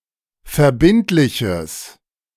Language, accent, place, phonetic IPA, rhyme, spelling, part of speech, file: German, Germany, Berlin, [fɛɐ̯ˈbɪntlɪçəs], -ɪntlɪçəs, verbindliches, adjective, De-verbindliches.ogg
- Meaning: strong/mixed nominative/accusative neuter singular of verbindlich